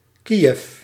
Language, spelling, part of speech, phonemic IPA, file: Dutch, Kiev, proper noun, /ˈkijɛf/, Nl-Kiev.ogg
- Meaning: Kyiv (the capital city of Ukraine and regional administrative centre of Kyiv Oblast): Kyiv (an oblast of Ukraine)